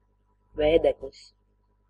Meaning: 1. hand fan (hand-held device that can be waved back and forth to move air and cool oneself) 2. fan (something having the shape of a fan)
- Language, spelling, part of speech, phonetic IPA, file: Latvian, vēdeklis, noun, [vɛ̄ːdɛklis], Lv-vēdeklis.ogg